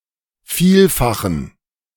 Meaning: inflection of vielfach: 1. strong genitive masculine/neuter singular 2. weak/mixed genitive/dative all-gender singular 3. strong/weak/mixed accusative masculine singular 4. strong dative plural
- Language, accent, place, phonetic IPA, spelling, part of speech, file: German, Germany, Berlin, [ˈfiːlfaxn̩], vielfachen, adjective, De-vielfachen.ogg